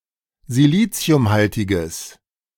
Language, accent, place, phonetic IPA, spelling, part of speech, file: German, Germany, Berlin, [ziˈliːt͡si̯ʊmˌhaltɪɡəs], siliciumhaltiges, adjective, De-siliciumhaltiges.ogg
- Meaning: strong/mixed nominative/accusative neuter singular of siliciumhaltig